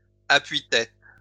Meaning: plural of appui-tête
- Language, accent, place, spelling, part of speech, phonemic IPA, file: French, France, Lyon, appuis-tête, noun, /a.pɥi.tɛt/, LL-Q150 (fra)-appuis-tête.wav